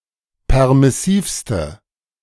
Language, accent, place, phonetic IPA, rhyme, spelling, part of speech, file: German, Germany, Berlin, [ˌpɛʁmɪˈsiːfstə], -iːfstə, permissivste, adjective, De-permissivste.ogg
- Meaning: inflection of permissiv: 1. strong/mixed nominative/accusative feminine singular superlative degree 2. strong nominative/accusative plural superlative degree